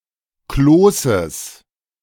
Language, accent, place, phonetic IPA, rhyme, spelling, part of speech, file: German, Germany, Berlin, [ˈkloːsəs], -oːsəs, Kloßes, noun, De-Kloßes.ogg
- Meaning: genitive singular of Kloß